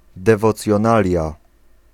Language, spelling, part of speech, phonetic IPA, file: Polish, dewocjonalia, noun, [ˌdɛvɔt͡sʲjɔ̃ˈnalʲja], Pl-dewocjonalia.ogg